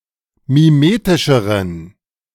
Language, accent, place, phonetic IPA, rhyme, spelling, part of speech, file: German, Germany, Berlin, [miˈmeːtɪʃəʁən], -eːtɪʃəʁən, mimetischeren, adjective, De-mimetischeren.ogg
- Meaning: inflection of mimetisch: 1. strong genitive masculine/neuter singular comparative degree 2. weak/mixed genitive/dative all-gender singular comparative degree